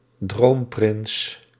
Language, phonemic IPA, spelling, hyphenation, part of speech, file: Dutch, /ˈdroːm.prɪns/, droomprins, droom‧prins, noun, Nl-droomprins.ogg
- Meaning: Prince Charming, prince of one's dreams (often used figuratively for non-royal attactive men)